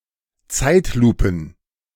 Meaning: plural of Zeitlupe
- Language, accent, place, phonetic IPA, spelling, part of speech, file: German, Germany, Berlin, [ˈt͡saɪ̯tˌluːpn̩], Zeitlupen, noun, De-Zeitlupen.ogg